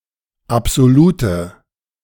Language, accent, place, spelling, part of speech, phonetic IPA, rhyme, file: German, Germany, Berlin, absolute, adjective, [apz̥oˈluːtə], -uːtə, De-absolute.ogg
- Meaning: inflection of absolut: 1. strong/mixed nominative/accusative feminine singular 2. strong nominative/accusative plural 3. weak nominative all-gender singular 4. weak accusative feminine/neuter singular